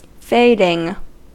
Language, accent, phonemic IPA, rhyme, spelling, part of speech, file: English, US, /ˈfeɪdɪŋ/, -eɪdɪŋ, fading, verb / noun, En-us-fading.ogg
- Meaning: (verb) present participle and gerund of fade; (noun) 1. The process by which something fades; gradual diminishment 2. An Irish dance 3. The burden of a song